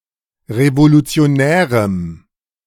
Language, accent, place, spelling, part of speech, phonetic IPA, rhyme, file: German, Germany, Berlin, revolutionärem, adjective, [ʁevolut͡si̯oˈnɛːʁəm], -ɛːʁəm, De-revolutionärem.ogg
- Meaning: strong dative masculine/neuter singular of revolutionär